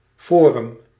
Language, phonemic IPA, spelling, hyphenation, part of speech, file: Dutch, /ˈfoː.rʏm/, forum, fo‧rum, noun, Nl-forum.ogg
- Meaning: 1. forum (ancient Roman marketplace) 2. forum (venue, medium, vehicle; general place of exchange) 3. Internet forum